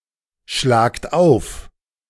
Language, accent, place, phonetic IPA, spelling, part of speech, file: German, Germany, Berlin, [ˌʃlaːkt ˈaʊ̯f], schlagt auf, verb, De-schlagt auf.ogg
- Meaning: inflection of aufschlagen: 1. second-person plural present 2. plural imperative